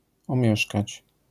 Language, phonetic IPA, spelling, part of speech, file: Polish, [ɔ̃ˈmʲjɛʃkat͡ɕ], omieszkać, verb, LL-Q809 (pol)-omieszkać.wav